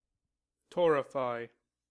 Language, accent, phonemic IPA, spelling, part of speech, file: English, US, /ˈtɔ.ɹɪ.faɪ/, torrefy, verb, En-us-torrefy.ogg
- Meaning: To subject to intense heat; to parch, to roast